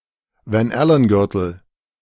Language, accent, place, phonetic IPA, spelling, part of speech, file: German, Germany, Berlin, [vɛnˈʔɛlənˌɡʏʁtl̩], Van-Allen-Gürtel, noun, De-Van-Allen-Gürtel.ogg
- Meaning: Van Allen belt